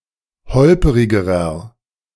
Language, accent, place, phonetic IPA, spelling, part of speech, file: German, Germany, Berlin, [ˈhɔlpəʁɪɡəʁɐ], holperigerer, adjective, De-holperigerer.ogg
- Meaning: inflection of holperig: 1. strong/mixed nominative masculine singular comparative degree 2. strong genitive/dative feminine singular comparative degree 3. strong genitive plural comparative degree